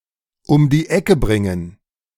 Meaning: to get rid of, to kill, to do someone in, to rub someone out
- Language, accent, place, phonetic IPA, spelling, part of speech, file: German, Germany, Berlin, [ʊm diː ˈɛkə ˈbʁɪŋən], um die Ecke bringen, verb, De-um die Ecke bringen.ogg